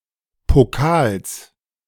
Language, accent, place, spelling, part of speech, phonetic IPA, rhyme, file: German, Germany, Berlin, Pokals, noun, [poˈkaːls], -aːls, De-Pokals.ogg
- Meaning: genitive singular of Pokal